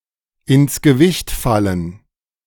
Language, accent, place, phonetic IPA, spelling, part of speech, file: German, Germany, Berlin, [ɪns ɡəˈvɪçt ˌfalən], ins Gewicht fallen, phrase, De-ins Gewicht fallen.ogg
- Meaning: to carry weight